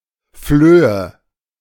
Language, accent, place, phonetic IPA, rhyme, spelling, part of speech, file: German, Germany, Berlin, [fløːə], -øːə, Flöhe, noun, De-Flöhe.ogg
- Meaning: nominative/accusative/genitive plural of Floh